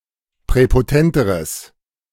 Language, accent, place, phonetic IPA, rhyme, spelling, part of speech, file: German, Germany, Berlin, [pʁɛpoˈtɛntəʁəs], -ɛntəʁəs, präpotenteres, adjective, De-präpotenteres.ogg
- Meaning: strong/mixed nominative/accusative neuter singular comparative degree of präpotent